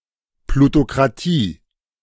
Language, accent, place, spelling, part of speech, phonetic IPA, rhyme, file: German, Germany, Berlin, Plutokratie, noun, [plutokʁaˈtiː], -iː, De-Plutokratie.ogg
- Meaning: plutocracy